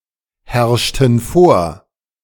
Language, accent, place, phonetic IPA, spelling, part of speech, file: German, Germany, Berlin, [ˌhɛʁʃtn̩ ˈfoːɐ̯], herrschten vor, verb, De-herrschten vor.ogg
- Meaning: inflection of vorherrschen: 1. first/third-person plural preterite 2. first/third-person plural subjunctive II